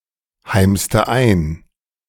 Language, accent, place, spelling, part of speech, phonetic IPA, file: German, Germany, Berlin, heimste ein, verb, [ˌhaɪ̯mstə ˈaɪ̯n], De-heimste ein.ogg
- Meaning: inflection of einheimsen: 1. first/third-person singular preterite 2. first/third-person singular subjunctive II